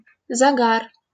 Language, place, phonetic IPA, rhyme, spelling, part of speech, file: Russian, Saint Petersburg, [zɐˈɡar], -ar, загар, noun, LL-Q7737 (rus)-загар.wav
- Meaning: suntan, tan (darkened coloration of the skin)